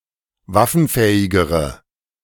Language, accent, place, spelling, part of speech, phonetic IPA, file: German, Germany, Berlin, waffenfähigere, adjective, [ˈvafn̩ˌfɛːɪɡəʁə], De-waffenfähigere.ogg
- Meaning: inflection of waffenfähig: 1. strong/mixed nominative/accusative feminine singular comparative degree 2. strong nominative/accusative plural comparative degree